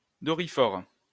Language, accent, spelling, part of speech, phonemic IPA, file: French, France, doryphore, noun, /dɔ.ʁi.fɔʁ/, LL-Q150 (fra)-doryphore.wav
- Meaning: Colorado beetle (Leptinotarsa decemlineata)